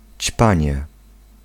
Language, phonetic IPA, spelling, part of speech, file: Polish, [ˈt͡ɕpãɲɛ], ćpanie, noun, Pl-ćpanie.ogg